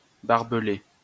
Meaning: to surround with barbed wire
- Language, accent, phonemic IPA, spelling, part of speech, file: French, France, /baʁ.bə.le/, barbeler, verb, LL-Q150 (fra)-barbeler.wav